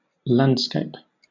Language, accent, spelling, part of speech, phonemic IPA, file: English, Southern England, landscape, noun / verb, /ˈlan(d)skeɪp/, LL-Q1860 (eng)-landscape.wav
- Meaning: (noun) A portion of land or territory as defined by its landform, its geographical (and architectural) features